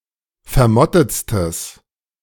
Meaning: strong/mixed nominative/accusative neuter singular superlative degree of vermottet
- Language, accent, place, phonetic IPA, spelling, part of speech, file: German, Germany, Berlin, [fɛɐ̯ˈmɔtət͡stəs], vermottetstes, adjective, De-vermottetstes.ogg